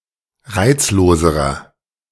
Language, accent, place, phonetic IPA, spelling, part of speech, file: German, Germany, Berlin, [ˈʁaɪ̯t͡sloːzəʁɐ], reizloserer, adjective, De-reizloserer.ogg
- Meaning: inflection of reizlos: 1. strong/mixed nominative masculine singular comparative degree 2. strong genitive/dative feminine singular comparative degree 3. strong genitive plural comparative degree